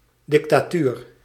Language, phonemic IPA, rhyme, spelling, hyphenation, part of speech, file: Dutch, /ˌdɪk.taːˈtyːr/, -yr, dictatuur, dic‧ta‧tuur, noun, Nl-dictatuur.ogg
- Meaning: dictatorship